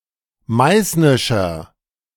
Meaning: inflection of meißnisch: 1. strong/mixed nominative masculine singular 2. strong genitive/dative feminine singular 3. strong genitive plural
- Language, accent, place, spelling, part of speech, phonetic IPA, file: German, Germany, Berlin, meißnischer, adjective, [ˈmaɪ̯snɪʃɐ], De-meißnischer.ogg